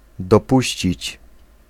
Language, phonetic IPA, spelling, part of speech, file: Polish, [dɔˈpuɕt͡ɕit͡ɕ], dopuścić, verb, Pl-dopuścić.ogg